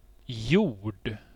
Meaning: 1. earth, soil; a rock- or sand-based unconsolidated material in which land plants grow 2. earth, ground (as opposed to the sky or sea)
- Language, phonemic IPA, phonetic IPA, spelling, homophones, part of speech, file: Swedish, /juːrd/, [juːɖ], jord, gjord / hjord, noun, Sv-jord.ogg